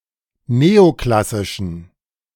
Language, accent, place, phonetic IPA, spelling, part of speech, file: German, Germany, Berlin, [ˈneːoˌklasɪʃn̩], neoklassischen, adjective, De-neoklassischen.ogg
- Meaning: inflection of neoklassisch: 1. strong genitive masculine/neuter singular 2. weak/mixed genitive/dative all-gender singular 3. strong/weak/mixed accusative masculine singular 4. strong dative plural